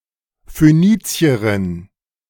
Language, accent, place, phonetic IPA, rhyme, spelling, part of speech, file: German, Germany, Berlin, [føˈniːt͡si̯əʁɪn], -iːt͡si̯əʁɪn, Phönizierin, noun, De-Phönizierin.ogg
- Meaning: female Phoenician (female person from Phoenicia)